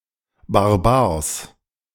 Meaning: nominative/accusative/genitive plural of Barbier
- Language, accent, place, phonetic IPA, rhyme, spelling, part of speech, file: German, Germany, Berlin, [baʁˈbiːʁə], -iːʁə, Barbiere, noun, De-Barbiere.ogg